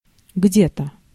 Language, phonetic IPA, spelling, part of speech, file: Russian, [ˈɡdʲe‿tə], где-то, adverb, Ru-где-то.ogg
- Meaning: 1. somewhere 2. somewhere around, about, approximately (not exactly)